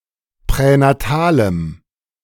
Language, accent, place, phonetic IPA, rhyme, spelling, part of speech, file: German, Germany, Berlin, [pʁɛnaˈtaːləm], -aːləm, pränatalem, adjective, De-pränatalem.ogg
- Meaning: strong dative masculine/neuter singular of pränatal